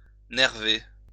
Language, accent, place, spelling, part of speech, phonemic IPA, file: French, France, Lyon, nerver, verb, /nɛʁ.ve/, LL-Q150 (fra)-nerver.wav
- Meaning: to cord (cover with cords, ropes or strings)